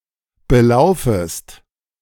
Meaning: second-person singular subjunctive I of belaufen
- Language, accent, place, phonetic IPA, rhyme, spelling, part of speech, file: German, Germany, Berlin, [bəˈlaʊ̯fəst], -aʊ̯fəst, belaufest, verb, De-belaufest.ogg